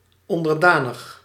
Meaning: submissive, obedient in a servile manner
- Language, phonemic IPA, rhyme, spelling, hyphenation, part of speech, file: Dutch, /ˌɔn.dərˈdaːnəx/, -aːnəx, onderdanig, on‧der‧da‧nig, adjective, Nl-onderdanig.ogg